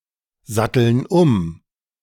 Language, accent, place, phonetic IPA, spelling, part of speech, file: German, Germany, Berlin, [ˌzatl̩n ˈʊm], satteln um, verb, De-satteln um.ogg
- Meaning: inflection of umsatteln: 1. first/third-person plural present 2. first/third-person plural subjunctive I